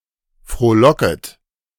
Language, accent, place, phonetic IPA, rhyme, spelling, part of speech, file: German, Germany, Berlin, [fʁoːˈlɔkət], -ɔkət, frohlocket, verb, De-frohlocket.ogg
- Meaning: second-person plural subjunctive I of frohlocken